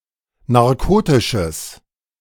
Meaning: strong/mixed nominative/accusative neuter singular of narkotisch
- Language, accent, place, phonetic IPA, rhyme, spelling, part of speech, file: German, Germany, Berlin, [naʁˈkoːtɪʃəs], -oːtɪʃəs, narkotisches, adjective, De-narkotisches.ogg